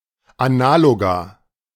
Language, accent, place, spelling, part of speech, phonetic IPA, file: German, Germany, Berlin, Analoga, noun, [aˈnaːloɡa], De-Analoga.ogg
- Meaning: plural of Analogon